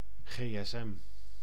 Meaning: mobile phone, cellphone
- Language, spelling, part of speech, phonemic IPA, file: Dutch, gsm, noun, /ɣeː.ɛsˈɛm/, Nl-gsm.ogg